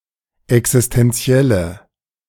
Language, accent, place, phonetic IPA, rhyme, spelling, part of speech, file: German, Germany, Berlin, [ɛksɪstɛnˈt͡si̯ɛlə], -ɛlə, existenzielle, adjective, De-existenzielle.ogg
- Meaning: inflection of existenziell: 1. strong/mixed nominative/accusative feminine singular 2. strong nominative/accusative plural 3. weak nominative all-gender singular